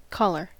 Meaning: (noun) Clothes that encircle the neck.: The part of an upper garment (shirt, jacket, etc.) that fits around the neck and throat, especially if sewn from a separate piece of fabric
- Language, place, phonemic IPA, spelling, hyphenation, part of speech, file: English, California, /ˈkɑlɚ/, collar, col‧lar, noun / verb, En-us-collar.ogg